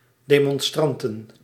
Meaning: plural of demonstrant
- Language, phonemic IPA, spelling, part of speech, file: Dutch, /demɔnˈstrantən/, demonstranten, noun, Nl-demonstranten.ogg